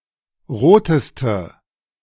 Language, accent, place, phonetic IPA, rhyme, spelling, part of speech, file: German, Germany, Berlin, [ˈʁoːtəstə], -oːtəstə, roteste, adjective, De-roteste.ogg
- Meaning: inflection of rot: 1. strong/mixed nominative/accusative feminine singular superlative degree 2. strong nominative/accusative plural superlative degree